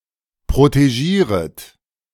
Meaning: second-person plural subjunctive I of protegieren
- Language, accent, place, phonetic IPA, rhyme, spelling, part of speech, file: German, Germany, Berlin, [pʁoteˈʒiːʁət], -iːʁət, protegieret, verb, De-protegieret.ogg